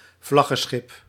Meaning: flagship
- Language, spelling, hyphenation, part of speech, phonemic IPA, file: Dutch, vlaggenschip, vlag‧gen‧schip, noun, /ˈvlɑɣəˌsxɪp/, Nl-vlaggenschip.ogg